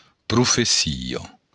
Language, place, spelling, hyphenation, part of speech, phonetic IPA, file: Occitan, Béarn, profecia, pro‧fe‧ci‧a, noun, [prufeˈsio], LL-Q14185 (oci)-profecia.wav
- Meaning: prophecy